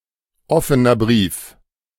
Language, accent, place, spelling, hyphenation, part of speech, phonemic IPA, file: German, Germany, Berlin, offener Brief, of‧fe‧ner Brief, noun, /ˌʔɔfənɐ ˈbʁiːf/, De-offener Brief.ogg
- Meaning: open letter